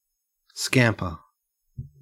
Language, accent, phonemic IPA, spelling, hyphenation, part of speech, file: English, Australia, /ˈskæmpə/, scamper, scamp‧er, noun / verb, En-au-scamper.ogg
- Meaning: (noun) A quick, light run; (verb) To run lightly and quickly, especially in a playful or undignified manner; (noun) One who skimps or does slipshod work